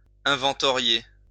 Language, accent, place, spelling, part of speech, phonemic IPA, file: French, France, Lyon, inventorier, verb, /ɛ̃.vɑ̃.tɔ.ʁje/, LL-Q150 (fra)-inventorier.wav
- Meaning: to inventorize